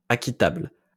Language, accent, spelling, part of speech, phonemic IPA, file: French, France, acquittable, adjective, /a.ki.tabl/, LL-Q150 (fra)-acquittable.wav
- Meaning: acknowledgeable